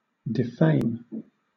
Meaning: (verb) 1. To disgrace; to bring into disrepute 2. To charge; to accuse (someone) of an offence 3. To harm or diminish the reputation of; to disparage; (noun) Disgrace, dishonour
- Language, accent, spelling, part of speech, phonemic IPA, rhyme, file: English, Southern England, defame, verb / noun / adjective, /dɪˈfeɪm/, -eɪm, LL-Q1860 (eng)-defame.wav